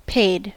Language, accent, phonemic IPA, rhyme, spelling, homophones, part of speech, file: English, US, /peɪd/, -eɪd, paid, payed, verb / adjective, En-us-paid.ogg
- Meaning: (verb) simple past and past participle of pay; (adjective) 1. Not free of charge; costing money 2. Receiving pay 3. For which pay is given 4. Having money (i.e. rich, wealthy, etc.)